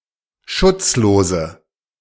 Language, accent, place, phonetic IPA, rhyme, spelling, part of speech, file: German, Germany, Berlin, [ˈʃʊt͡sˌloːzə], -ʊt͡sloːzə, schutzlose, adjective, De-schutzlose.ogg
- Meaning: inflection of schutzlos: 1. strong/mixed nominative/accusative feminine singular 2. strong nominative/accusative plural 3. weak nominative all-gender singular